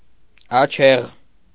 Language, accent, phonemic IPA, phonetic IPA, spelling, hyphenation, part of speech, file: Armenian, Eastern Armenian, /ɑˈt͡ʃʰeʁ/, [ɑt͡ʃʰéʁ], աչեղ, ա‧չեղ, adjective, Hy-աչեղ.ogg
- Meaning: having big and beautiful eyes